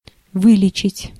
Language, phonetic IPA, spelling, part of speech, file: Russian, [ˈvɨlʲɪt͡ɕɪtʲ], вылечить, verb, Ru-вылечить.ogg
- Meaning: to cure (of)